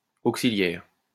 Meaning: axillary
- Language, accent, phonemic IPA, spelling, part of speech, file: French, France, /ak.si.lɛʁ/, axillaire, adjective, LL-Q150 (fra)-axillaire.wav